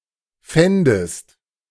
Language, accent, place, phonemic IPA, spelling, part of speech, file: German, Germany, Berlin, /ˈfɛndəst/, fändest, verb, De-fändest.ogg
- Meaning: second-person singular subjunctive II of finden